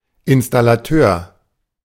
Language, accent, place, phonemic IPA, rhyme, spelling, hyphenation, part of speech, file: German, Germany, Berlin, /ˌɪnstalaˈtøːɐ̯/, -øːɐ̯, Installateur, In‧stal‧la‧teur, noun, De-Installateur.ogg
- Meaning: plumber (male or of unspecified gender)